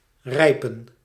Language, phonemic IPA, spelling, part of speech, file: Dutch, /ˈrɛi̯.pə(n)/, rijpen, verb, Nl-rijpen.ogg
- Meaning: to ripen